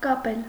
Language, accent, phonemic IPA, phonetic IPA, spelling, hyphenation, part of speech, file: Armenian, Eastern Armenian, /kɑˈpel/, [kɑpél], կապել, կա‧պել, verb, Hy-կապել.ogg
- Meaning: 1. to tie, to tie up, to bind; to fasten 2. to put into chains 3. to connect